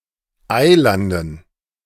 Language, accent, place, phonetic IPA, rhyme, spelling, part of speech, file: German, Germany, Berlin, [ˈaɪ̯ˌlandn̩], -aɪ̯landn̩, Eilanden, noun, De-Eilanden.ogg
- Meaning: dative plural of Eiland